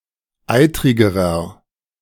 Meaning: inflection of eitrig: 1. strong/mixed nominative masculine singular comparative degree 2. strong genitive/dative feminine singular comparative degree 3. strong genitive plural comparative degree
- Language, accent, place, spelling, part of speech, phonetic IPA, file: German, Germany, Berlin, eitrigerer, adjective, [ˈaɪ̯tʁɪɡəʁɐ], De-eitrigerer.ogg